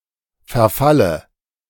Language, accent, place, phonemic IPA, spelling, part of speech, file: German, Germany, Berlin, /fɛɐ̯ˈfalə/, Verfalle, noun, De-Verfalle.ogg
- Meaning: dative of Verfall